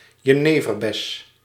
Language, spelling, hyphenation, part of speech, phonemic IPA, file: Dutch, jeneverbes, je‧ne‧ver‧bes, noun, /jəˈneː.vərˌbɛs/, Nl-jeneverbes.ogg
- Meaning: 1. a juniper tree; tree of the genus Juniperus 2. common juniper (Juniperus communis) 3. the berry of this plant; a juniper berry